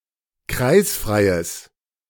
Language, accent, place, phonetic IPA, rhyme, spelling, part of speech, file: German, Germany, Berlin, [ˈkʁaɪ̯sfʁaɪ̯əs], -aɪ̯sfʁaɪ̯əs, kreisfreies, adjective, De-kreisfreies.ogg
- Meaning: strong/mixed nominative/accusative neuter singular of kreisfrei